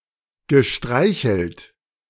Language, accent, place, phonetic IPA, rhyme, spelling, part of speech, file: German, Germany, Berlin, [ɡəˈʃtʁaɪ̯çl̩t], -aɪ̯çl̩t, gestreichelt, verb, De-gestreichelt.ogg
- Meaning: past participle of streicheln